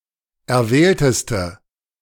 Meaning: inflection of erwählt: 1. strong/mixed nominative/accusative feminine singular superlative degree 2. strong nominative/accusative plural superlative degree
- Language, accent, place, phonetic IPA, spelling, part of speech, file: German, Germany, Berlin, [ɛɐ̯ˈvɛːltəstə], erwählteste, adjective, De-erwählteste.ogg